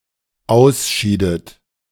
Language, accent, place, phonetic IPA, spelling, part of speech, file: German, Germany, Berlin, [ˈaʊ̯sˌʃiːdət], ausschiedet, verb, De-ausschiedet.ogg
- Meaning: inflection of ausscheiden: 1. second-person plural dependent preterite 2. second-person plural dependent subjunctive II